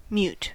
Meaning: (adjective) 1. Not having the power of speech; dumb 2. Silent; not making a sound
- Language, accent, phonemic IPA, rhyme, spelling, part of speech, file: English, US, /mjut/, -uːt, mute, adjective / noun / verb, En-us-mute.ogg